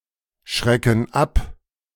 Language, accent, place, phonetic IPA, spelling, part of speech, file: German, Germany, Berlin, [ˌʃʁɛkn̩ ˈap], schrecken ab, verb, De-schrecken ab.ogg
- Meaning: inflection of abschrecken: 1. first/third-person plural present 2. first/third-person plural subjunctive I